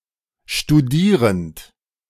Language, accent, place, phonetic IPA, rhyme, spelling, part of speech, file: German, Germany, Berlin, [ʃtuˈdiːʁənt], -iːʁənt, studierend, verb, De-studierend.ogg
- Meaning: present participle of studieren